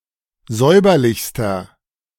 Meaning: inflection of säuberlich: 1. strong/mixed nominative masculine singular superlative degree 2. strong genitive/dative feminine singular superlative degree 3. strong genitive plural superlative degree
- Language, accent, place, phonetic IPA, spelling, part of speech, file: German, Germany, Berlin, [ˈzɔɪ̯bɐlɪçstɐ], säuberlichster, adjective, De-säuberlichster.ogg